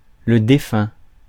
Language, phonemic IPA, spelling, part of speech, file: French, /de.fœ̃/, défunt, adjective / noun, Fr-défunt.ogg
- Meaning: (adjective) 1. (of a person) late, deceased 2. (of a place, era etc.) which is dead and gone, bygone 3. defunct; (noun) deceased